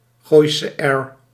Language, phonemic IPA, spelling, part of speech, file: Dutch, /ˌɣoːi̯sə ˈɛr/, Gooise r, noun, Nl-Gooise r.ogg